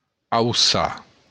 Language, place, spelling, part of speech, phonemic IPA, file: Occitan, Béarn, auçar, verb, /awˈsa/, LL-Q14185 (oci)-auçar.wav
- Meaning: 1. to rise 2. to hoist